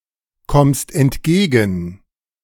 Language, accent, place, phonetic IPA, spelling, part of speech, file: German, Germany, Berlin, [ˌkɔmst ɛntˈɡeːɡn̩], kommst entgegen, verb, De-kommst entgegen.ogg
- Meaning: second-person singular present of entgegenkommen